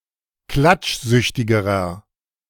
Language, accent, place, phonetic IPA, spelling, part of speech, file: German, Germany, Berlin, [ˈklat͡ʃˌzʏçtɪɡəʁɐ], klatschsüchtigerer, adjective, De-klatschsüchtigerer.ogg
- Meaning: inflection of klatschsüchtig: 1. strong/mixed nominative masculine singular comparative degree 2. strong genitive/dative feminine singular comparative degree